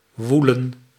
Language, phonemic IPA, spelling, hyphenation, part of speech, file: Dutch, /ˈʋu.lə(n)/, woelen, woe‧len, verb, Nl-woelen.ogg
- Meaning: 1. to churn, to turn over, to rout (e.g. of swine) 2. to toss and turn